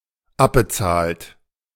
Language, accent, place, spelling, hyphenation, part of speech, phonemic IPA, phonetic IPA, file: German, Germany, Berlin, abbezahlt, ab‧be‧zahlt, verb, /ˈabəˌtsaːlt/, [ˈʔabəˌtsaːlt], De-abbezahlt.ogg
- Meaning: 1. past participle of abbezahlen 2. inflection of abbezahlen: third-person singular dependent present 3. inflection of abbezahlen: second-person plural dependent present